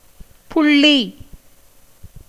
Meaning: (noun) 1. mark, point, dot, speck, jot 2. virama, a diacritic; dot placed over a consonant letter in the Tamil script - ் 3. consonant 4. name of the letter ஃ 5. estimate 6. individual 7. ledger
- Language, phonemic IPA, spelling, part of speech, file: Tamil, /pʊɭːiː/, புள்ளி, noun / proper noun, Ta-புள்ளி.ogg